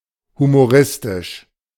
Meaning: humorous
- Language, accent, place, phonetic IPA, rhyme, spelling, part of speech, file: German, Germany, Berlin, [humoˈʁɪstɪʃ], -ɪstɪʃ, humoristisch, adjective, De-humoristisch.ogg